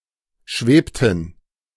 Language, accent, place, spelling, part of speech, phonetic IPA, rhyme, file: German, Germany, Berlin, schwebten, verb, [ˈʃveːptn̩], -eːptn̩, De-schwebten.ogg
- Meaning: inflection of schweben: 1. first/third-person plural preterite 2. first/third-person plural subjunctive II